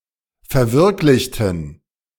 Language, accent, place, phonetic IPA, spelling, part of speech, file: German, Germany, Berlin, [fɛɐ̯ˈvɪʁklɪçtn̩], verwirklichten, adjective / verb, De-verwirklichten.ogg
- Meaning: inflection of verwirklichen: 1. first/third-person plural preterite 2. first/third-person plural subjunctive II